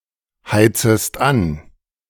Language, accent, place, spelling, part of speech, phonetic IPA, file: German, Germany, Berlin, heizest an, verb, [ˌhaɪ̯t͡səst ˈan], De-heizest an.ogg
- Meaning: second-person singular subjunctive I of anheizen